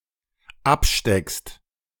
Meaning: second-person singular dependent present of abstecken
- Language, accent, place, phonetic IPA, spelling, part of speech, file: German, Germany, Berlin, [ˈapˌʃtɛkst], absteckst, verb, De-absteckst.ogg